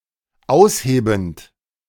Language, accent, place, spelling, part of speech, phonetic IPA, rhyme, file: German, Germany, Berlin, aushebend, verb, [ˈaʊ̯sˌheːbn̩t], -aʊ̯sheːbn̩t, De-aushebend.ogg
- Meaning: present participle of ausheben